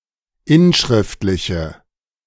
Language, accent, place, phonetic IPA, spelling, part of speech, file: German, Germany, Berlin, [ˈɪnˌʃʁɪftlɪçə], inschriftliche, adjective, De-inschriftliche.ogg
- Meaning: inflection of inschriftlich: 1. strong/mixed nominative/accusative feminine singular 2. strong nominative/accusative plural 3. weak nominative all-gender singular